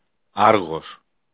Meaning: Argos (a city in Argolis regional unit, Peloponnese, Greece)
- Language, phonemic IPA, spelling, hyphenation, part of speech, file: Greek, /ˈaɾɣos/, Άργος, Άρ‧γος, proper noun, El-Άργος.ogg